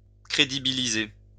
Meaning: to make credible, to establish the credibility of
- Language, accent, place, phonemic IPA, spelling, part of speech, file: French, France, Lyon, /kʁe.di.bi.li.ze/, crédibiliser, verb, LL-Q150 (fra)-crédibiliser.wav